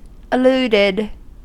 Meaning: simple past and past participle of allude
- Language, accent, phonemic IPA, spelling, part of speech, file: English, US, /əˈluːdɪd/, alluded, verb, En-us-alluded.ogg